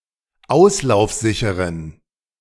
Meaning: inflection of auslaufsicher: 1. strong genitive masculine/neuter singular 2. weak/mixed genitive/dative all-gender singular 3. strong/weak/mixed accusative masculine singular 4. strong dative plural
- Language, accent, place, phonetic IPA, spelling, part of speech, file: German, Germany, Berlin, [ˈaʊ̯slaʊ̯fˌzɪçəʁən], auslaufsicheren, adjective, De-auslaufsicheren.ogg